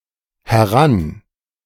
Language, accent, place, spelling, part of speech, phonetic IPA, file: German, Germany, Berlin, heran-, prefix, [hɛˈʁan], De-heran-.ogg
- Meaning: a prefix, denoting movement into, closer, or upwards